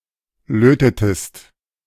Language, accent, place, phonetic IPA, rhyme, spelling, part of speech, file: German, Germany, Berlin, [ˈløːtətəst], -øːtətəst, lötetest, verb, De-lötetest.ogg
- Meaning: inflection of löten: 1. second-person singular preterite 2. second-person singular subjunctive II